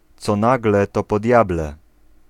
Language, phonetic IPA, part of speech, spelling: Polish, [ˈt͡sɔ ˈnaɡlɛ ˈtɔ pɔ‿ˈdʲjablɛ], proverb, co nagle, to po diable